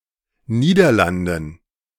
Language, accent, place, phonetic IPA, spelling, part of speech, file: German, Germany, Berlin, [ˈniːdɐˌlandn̩], Niederlanden, noun, De-Niederlanden.ogg
- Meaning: dative plural of Niederlande